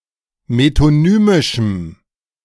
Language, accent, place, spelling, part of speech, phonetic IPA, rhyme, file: German, Germany, Berlin, metonymischem, adjective, [metoˈnyːmɪʃm̩], -yːmɪʃm̩, De-metonymischem.ogg
- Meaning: strong dative masculine/neuter singular of metonymisch